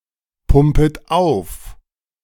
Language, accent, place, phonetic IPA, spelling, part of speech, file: German, Germany, Berlin, [ˌpʊmpət ˈaʊ̯f], pumpet auf, verb, De-pumpet auf.ogg
- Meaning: second-person plural subjunctive I of aufpumpen